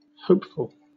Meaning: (adjective) 1. feeling hope 2. inspiring hope; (noun) Someone who is hoping for success or victory, especially as a candidate in a political election
- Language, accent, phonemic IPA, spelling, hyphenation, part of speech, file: English, Southern England, /ˈhəʊpfl̩/, hopeful, hope‧ful, adjective / noun, LL-Q1860 (eng)-hopeful.wav